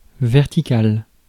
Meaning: vertical
- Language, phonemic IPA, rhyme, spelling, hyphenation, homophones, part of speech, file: French, /vɛʁ.ti.kal/, -al, vertical, ver‧ti‧cal, verticale / verticales, adjective, Fr-vertical.ogg